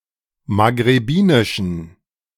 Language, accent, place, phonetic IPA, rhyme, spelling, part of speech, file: German, Germany, Berlin, [maɡʁeˈbiːnɪʃn̩], -iːnɪʃn̩, maghrebinischen, adjective, De-maghrebinischen.ogg
- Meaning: inflection of maghrebinisch: 1. strong genitive masculine/neuter singular 2. weak/mixed genitive/dative all-gender singular 3. strong/weak/mixed accusative masculine singular 4. strong dative plural